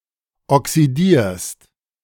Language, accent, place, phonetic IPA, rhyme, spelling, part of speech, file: German, Germany, Berlin, [ɔksiˈdiːɐ̯st], -iːɐ̯st, oxidierst, verb, De-oxidierst.ogg
- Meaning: second-person singular present of oxidieren